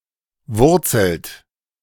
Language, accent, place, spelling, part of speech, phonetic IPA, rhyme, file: German, Germany, Berlin, wurzelt, verb, [ˈvʊʁt͡sl̩t], -ʊʁt͡sl̩t, De-wurzelt.ogg
- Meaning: inflection of wurzeln: 1. third-person singular present 2. second-person plural present 3. plural imperative